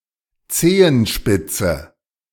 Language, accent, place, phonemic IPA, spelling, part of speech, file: German, Germany, Berlin, /ˈt͡seːənˌʃpɪt͡sə/, Zehenspitze, noun, De-Zehenspitze.ogg
- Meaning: tiptoe (most often in the plural, referring to all toes on at least one foot)